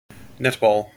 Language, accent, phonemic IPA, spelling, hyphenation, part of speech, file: English, General American, /ˈnɛtˌbɔl/, netball, net‧ball, noun, En-us-netball.mp3